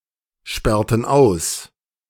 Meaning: inflection of aussperren: 1. first/third-person plural preterite 2. first/third-person plural subjunctive II
- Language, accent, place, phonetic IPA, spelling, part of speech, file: German, Germany, Berlin, [ˌʃpɛʁtn̩ ˈaʊ̯s], sperrten aus, verb, De-sperrten aus.ogg